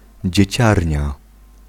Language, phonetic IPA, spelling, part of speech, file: Polish, [d͡ʑɛ̇ˈt͡ɕarʲɲa], dzieciarnia, noun, Pl-dzieciarnia.ogg